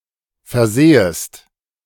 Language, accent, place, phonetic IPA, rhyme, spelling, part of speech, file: German, Germany, Berlin, [fɛɐ̯ˈzeːəst], -eːəst, versehest, verb, De-versehest.ogg
- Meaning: second-person singular subjunctive I of versehen